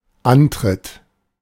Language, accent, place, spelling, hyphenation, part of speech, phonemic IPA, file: German, Germany, Berlin, Antritt, An‧tritt, noun, /ˈantʁɪt/, De-Antritt.ogg
- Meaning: 1. participation (in a competition) 2. start, beginning 3. acceleration 4. bottom step of a staircase